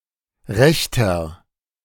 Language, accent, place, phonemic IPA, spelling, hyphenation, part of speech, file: German, Germany, Berlin, /ˈʁɛçtɐ/, Rechter, Rech‧ter, noun, De-Rechter.ogg
- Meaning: 1. right-winger, rightist (male or of unspecified gender) 2. inflection of Rechte: strong genitive/dative singular 3. inflection of Rechte: strong genitive plural